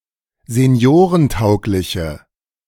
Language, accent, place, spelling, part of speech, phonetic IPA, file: German, Germany, Berlin, seniorentaugliche, adjective, [zeˈni̯oːʁənˌtaʊ̯klɪçə], De-seniorentaugliche.ogg
- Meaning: inflection of seniorentauglich: 1. strong/mixed nominative/accusative feminine singular 2. strong nominative/accusative plural 3. weak nominative all-gender singular